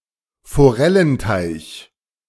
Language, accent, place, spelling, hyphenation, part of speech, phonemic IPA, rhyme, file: German, Germany, Berlin, Forellenteich, Fo‧rel‧len‧teich, noun, /foˈʁɛlənˌtaɪ̯ç/, -aɪ̯ç, De-Forellenteich.ogg
- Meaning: trout pond